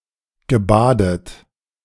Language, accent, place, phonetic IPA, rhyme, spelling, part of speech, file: German, Germany, Berlin, [ɡəˈbaːdət], -aːdət, gebadet, verb, De-gebadet.ogg
- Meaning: past participle of baden